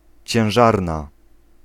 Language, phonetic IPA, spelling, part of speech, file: Polish, [t͡ɕɛ̃w̃ˈʒarna], ciężarna, noun / adjective, Pl-ciężarna.ogg